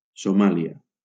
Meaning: Somalia (a country in East Africa, in the Horn of Africa)
- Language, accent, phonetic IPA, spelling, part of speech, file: Catalan, Valencia, [soˈma.li.a], Somàlia, proper noun, LL-Q7026 (cat)-Somàlia.wav